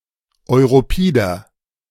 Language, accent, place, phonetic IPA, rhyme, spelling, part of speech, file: German, Germany, Berlin, [ɔɪ̯ʁoˈpiːdɐ], -iːdɐ, europider, adjective, De-europider.ogg
- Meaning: inflection of europid: 1. strong/mixed nominative masculine singular 2. strong genitive/dative feminine singular 3. strong genitive plural